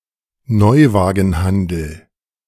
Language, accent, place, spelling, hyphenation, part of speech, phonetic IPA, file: German, Germany, Berlin, Neuwagenhandel, Neu‧wa‧gen‧han‧del, noun, [ˈnɔʏ̯vaːɡn̩ˌhandl̩], De-Neuwagenhandel.ogg
- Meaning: car trading business that sells new cars